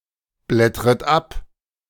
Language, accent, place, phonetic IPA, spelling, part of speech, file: German, Germany, Berlin, [ˌblɛtʁət ˈap], blättret ab, verb, De-blättret ab.ogg
- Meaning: second-person plural subjunctive I of abblättern